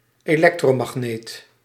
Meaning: electromagnet
- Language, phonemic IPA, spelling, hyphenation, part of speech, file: Dutch, /eːˈlɛk.troː.mɑxˌneːt/, elektromagneet, elek‧tro‧mag‧neet, noun, Nl-elektromagneet.ogg